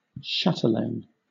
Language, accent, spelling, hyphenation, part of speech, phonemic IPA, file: English, Southern England, chatelaine, cha‧te‧laine, noun, /ˈʃætəleɪn/, LL-Q1860 (eng)-chatelaine.wav
- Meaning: The mistress of a castle or large household